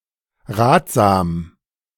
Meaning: advisable
- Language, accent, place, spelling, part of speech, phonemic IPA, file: German, Germany, Berlin, ratsam, adjective, /ˈʁaːt.zaːm/, De-ratsam.ogg